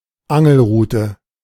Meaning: fishing rod
- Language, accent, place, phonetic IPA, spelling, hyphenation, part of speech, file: German, Germany, Berlin, [ˈaŋl̩ˌʁuːtə], Angelrute, An‧gel‧ru‧te, noun, De-Angelrute.ogg